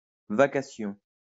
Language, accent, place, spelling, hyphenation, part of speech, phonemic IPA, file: French, France, Lyon, vacation, va‧ca‧tion, noun, /va.ka.sjɔ̃/, LL-Q150 (fra)-vacation.wav
- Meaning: session